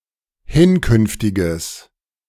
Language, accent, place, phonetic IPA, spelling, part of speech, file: German, Germany, Berlin, [ˈhɪnˌkʏnftɪɡəs], hinkünftiges, adjective, De-hinkünftiges.ogg
- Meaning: strong/mixed nominative/accusative neuter singular of hinkünftig